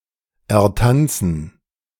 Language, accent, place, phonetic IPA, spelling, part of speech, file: German, Germany, Berlin, [ɛɐ̯ˈtant͡sn̩], ertanzen, verb, De-ertanzen.ogg
- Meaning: to achieve or accomplish by dancing